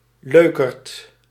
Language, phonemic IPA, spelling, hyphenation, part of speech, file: Dutch, /ˈløː.kərt/, leukerd, leu‧kerd, noun, Nl-leukerd.ogg
- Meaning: joker, wiseguy, japester (frequently used ironically)